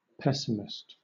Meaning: Someone who habitually expects the worst outcome; one who looks on the dark side of things
- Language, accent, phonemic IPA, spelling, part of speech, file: English, Southern England, /ˈpɛsɪmɪst/, pessimist, noun, LL-Q1860 (eng)-pessimist.wav